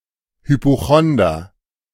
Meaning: hypochondriac (male or of unspecified gender)
- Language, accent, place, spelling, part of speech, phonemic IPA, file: German, Germany, Berlin, Hypochonder, noun, /hy.poˈxɔn.dər/, De-Hypochonder.ogg